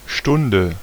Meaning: 1. hour (unit of time consisting of 60 minutes) 2. hour, moment, time (point in time) 3. lesson; class (teaching unit, usually between 45 and 90 minutes)
- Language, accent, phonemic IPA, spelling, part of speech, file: German, Germany, /ˈʃtʊndə/, Stunde, noun, De-Stunde.ogg